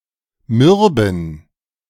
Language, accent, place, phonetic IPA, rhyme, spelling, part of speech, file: German, Germany, Berlin, [ˈmʏʁbn̩], -ʏʁbn̩, mürben, adjective, De-mürben.ogg
- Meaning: inflection of mürb: 1. strong genitive masculine/neuter singular 2. weak/mixed genitive/dative all-gender singular 3. strong/weak/mixed accusative masculine singular 4. strong dative plural